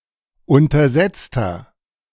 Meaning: 1. comparative degree of untersetzt 2. inflection of untersetzt: strong/mixed nominative masculine singular 3. inflection of untersetzt: strong genitive/dative feminine singular
- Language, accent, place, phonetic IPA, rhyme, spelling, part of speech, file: German, Germany, Berlin, [ˌʊntɐˈzɛt͡stɐ], -ɛt͡stɐ, untersetzter, adjective, De-untersetzter.ogg